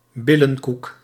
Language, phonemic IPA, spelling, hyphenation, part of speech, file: Dutch, /ˈbɪ.lə(n)ˌkuk/, billenkoek, bil‧len‧koek, noun, Nl-billenkoek.ogg
- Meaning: spanking, a beating applied on the buttocks